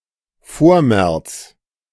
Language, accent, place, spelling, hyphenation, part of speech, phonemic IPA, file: German, Germany, Berlin, Vormärz, Vor‧märz, proper noun, /ˈfoːʁˌmɛʁts/, De-Vormärz.ogg
- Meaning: the period leading up to the 1848 March Revolution, variously held to begin in either 1815 (after the Congress of Vienna) or 1830 (after the July Revolution in France)